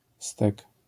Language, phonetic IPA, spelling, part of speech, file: Polish, [stɛk], stek, noun, LL-Q809 (pol)-stek.wav